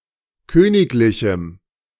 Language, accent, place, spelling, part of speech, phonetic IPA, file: German, Germany, Berlin, königlichem, adjective, [ˈkøːnɪklɪçm̩], De-königlichem.ogg
- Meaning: strong dative masculine/neuter singular of königlich